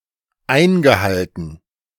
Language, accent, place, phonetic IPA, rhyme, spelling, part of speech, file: German, Germany, Berlin, [ˈaɪ̯nɡəˌhaltn̩], -aɪ̯nɡəhaltn̩, eingehalten, verb, De-eingehalten.ogg
- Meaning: past participle of einhalten